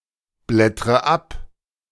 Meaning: inflection of abblättern: 1. first-person singular present 2. first/third-person singular subjunctive I 3. singular imperative
- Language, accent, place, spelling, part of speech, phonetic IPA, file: German, Germany, Berlin, blättre ab, verb, [ˌblɛtʁə ˈap], De-blättre ab.ogg